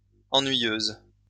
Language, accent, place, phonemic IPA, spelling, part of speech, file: French, France, Lyon, /ɑ̃.nɥi.jøz/, ennuyeuses, adjective, LL-Q150 (fra)-ennuyeuses.wav
- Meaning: feminine plural of ennuyeux